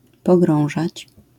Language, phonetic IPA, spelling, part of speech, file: Polish, [pɔˈɡrɔ̃w̃ʒat͡ɕ], pogrążać, verb, LL-Q809 (pol)-pogrążać.wav